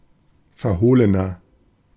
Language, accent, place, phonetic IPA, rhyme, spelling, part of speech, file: German, Germany, Berlin, [fɛɐ̯ˈhoːlənɐ], -oːlənɐ, verhohlener, adjective, De-verhohlener.ogg
- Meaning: 1. comparative degree of verhohlen 2. inflection of verhohlen: strong/mixed nominative masculine singular 3. inflection of verhohlen: strong genitive/dative feminine singular